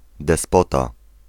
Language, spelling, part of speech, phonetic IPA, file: Polish, despota, noun, [dɛsˈpɔta], Pl-despota.ogg